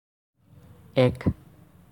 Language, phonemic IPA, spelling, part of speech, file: Assamese, /ɛk/, এক, numeral, As-এক.ogg
- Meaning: one